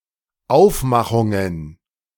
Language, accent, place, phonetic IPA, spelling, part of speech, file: German, Germany, Berlin, [ˈaʊ̯fˌmaxʊŋən], Aufmachungen, noun, De-Aufmachungen.ogg
- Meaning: plural of Aufmachung